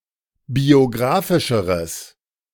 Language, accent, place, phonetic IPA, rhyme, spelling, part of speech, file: German, Germany, Berlin, [bioˈɡʁaːfɪʃəʁəs], -aːfɪʃəʁəs, biographischeres, adjective, De-biographischeres.ogg
- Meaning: strong/mixed nominative/accusative neuter singular comparative degree of biographisch